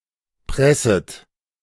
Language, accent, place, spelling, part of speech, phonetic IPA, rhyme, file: German, Germany, Berlin, presset, verb, [ˈpʁɛsət], -ɛsət, De-presset.ogg
- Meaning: second-person plural subjunctive I of pressen